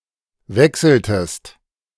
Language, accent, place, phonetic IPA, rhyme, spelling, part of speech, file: German, Germany, Berlin, [ˈvɛksl̩təst], -ɛksl̩təst, wechseltest, verb, De-wechseltest.ogg
- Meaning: inflection of wechseln: 1. second-person singular preterite 2. second-person singular subjunctive II